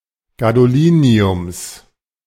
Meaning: genitive singular of Gadolinium
- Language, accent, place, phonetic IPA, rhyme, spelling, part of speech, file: German, Germany, Berlin, [ɡadoˈliːni̯ʊms], -iːni̯ʊms, Gadoliniums, noun, De-Gadoliniums.ogg